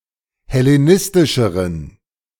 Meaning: inflection of hellenistisch: 1. strong genitive masculine/neuter singular comparative degree 2. weak/mixed genitive/dative all-gender singular comparative degree
- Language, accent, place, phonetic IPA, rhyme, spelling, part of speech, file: German, Germany, Berlin, [hɛleˈnɪstɪʃəʁən], -ɪstɪʃəʁən, hellenistischeren, adjective, De-hellenistischeren.ogg